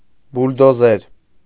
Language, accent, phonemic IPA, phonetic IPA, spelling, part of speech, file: Armenian, Eastern Armenian, /buldoˈzeɾ/, [buldozéɾ], բուլդոզեր, noun, Hy-բուլդոզեր.ogg
- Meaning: bulldozer